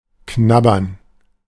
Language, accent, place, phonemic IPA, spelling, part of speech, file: German, Germany, Berlin, /ˈknabɐn/, knabbern, verb, De-knabbern.ogg
- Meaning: to nibble